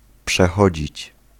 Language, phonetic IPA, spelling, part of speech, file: Polish, [pʃɛˈxɔd͡ʑit͡ɕ], przechodzić, verb, Pl-przechodzić.ogg